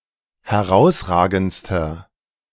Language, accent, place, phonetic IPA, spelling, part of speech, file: German, Germany, Berlin, [hɛˈʁaʊ̯sˌʁaːɡn̩t͡stɐ], herausragendster, adjective, De-herausragendster.ogg
- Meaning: inflection of herausragend: 1. strong/mixed nominative masculine singular superlative degree 2. strong genitive/dative feminine singular superlative degree 3. strong genitive plural superlative degree